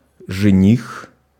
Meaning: bridegroom; fiancé
- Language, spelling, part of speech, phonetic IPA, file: Russian, жених, noun, [ʐɨˈnʲix], Ru-жених.ogg